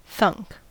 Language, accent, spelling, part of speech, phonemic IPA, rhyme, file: English, US, thunk, verb / interjection / noun, /θʌŋk/, -ʌŋk, En-us-thunk.ogg
- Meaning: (verb) past participle of think